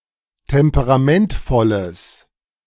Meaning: strong/mixed nominative/accusative neuter singular of temperamentvoll
- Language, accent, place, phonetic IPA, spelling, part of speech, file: German, Germany, Berlin, [ˌtɛmpəʁaˈmɛntfɔləs], temperamentvolles, adjective, De-temperamentvolles.ogg